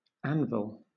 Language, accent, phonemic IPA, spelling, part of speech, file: English, Southern England, /ˈæn.vɪl/, anvil, noun / verb, LL-Q1860 (eng)-anvil.wav
- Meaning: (noun) 1. A heavy iron block used in the blacksmithing trade as a surface upon which metal can be struck and shaped 2. The incus bone in the middle ear